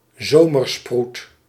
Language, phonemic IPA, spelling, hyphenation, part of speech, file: Dutch, /ˈzoː.mərˌsprut/, zomersproet, zo‧mer‧sproet, noun, Nl-zomersproet.ogg
- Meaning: a freckle that becomes visible after prolonged exposure to sunlight (e.g. during summer), being invisible or much less visible otherwise